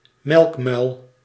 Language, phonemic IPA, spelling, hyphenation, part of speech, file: Dutch, /ˈmɛlkmœy̯l/, melkmuil, melk‧muil, noun, Nl-melkmuil.ogg
- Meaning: an immature person, notably an ignorant novice; greenhorn